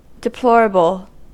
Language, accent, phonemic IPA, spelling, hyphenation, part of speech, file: English, General American, /dəˈplɔɹəb(ə)l/, deplorable, de‧plor‧a‧ble, adjective / noun, En-us-deplorable.ogg
- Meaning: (adjective) To be deplored.: 1. To be felt sorrow for; worthy of compassion; lamentable 2. Deserving strong condemnation; shockingly bad, wretched; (noun) A person or thing that is to be deplored